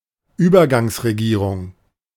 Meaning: provisional government, caretaker government
- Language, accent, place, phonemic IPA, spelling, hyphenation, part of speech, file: German, Germany, Berlin, /ˈyːbɐɡaŋsʁeˌɡiːʁʊŋ/, Übergangsregierung, Über‧gangs‧re‧gie‧rung, noun, De-Übergangsregierung.ogg